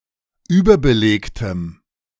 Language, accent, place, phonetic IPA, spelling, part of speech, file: German, Germany, Berlin, [ˈyːbɐbəˌleːktəm], überbelegtem, adjective, De-überbelegtem.ogg
- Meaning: strong dative masculine/neuter singular of überbelegt